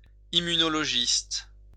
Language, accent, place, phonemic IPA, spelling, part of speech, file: French, France, Lyon, /i.my.nɔ.lɔ.ʒist/, immunologiste, noun, LL-Q150 (fra)-immunologiste.wav
- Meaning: immunologist